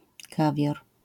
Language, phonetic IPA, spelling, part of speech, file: Polish, [ˈkavʲjɔr], kawior, noun, LL-Q809 (pol)-kawior.wav